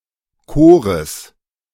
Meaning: genitive singular of Chor
- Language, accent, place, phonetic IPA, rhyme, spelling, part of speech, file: German, Germany, Berlin, [ˈkoːʁəs], -oːʁəs, Chores, noun, De-Chores.ogg